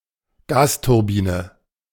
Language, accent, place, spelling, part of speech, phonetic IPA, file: German, Germany, Berlin, Gasturbine, noun, [ˈɡaːstʊʁˌbiːnə], De-Gasturbine.ogg
- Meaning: gas turbine